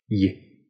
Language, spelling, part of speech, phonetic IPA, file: Russian, й, character, [j], Ru-й.ogg
- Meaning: The eleventh letter of the Russian alphabet, called и краткое (i kratkoje) or ий (ij) and written in the Cyrillic script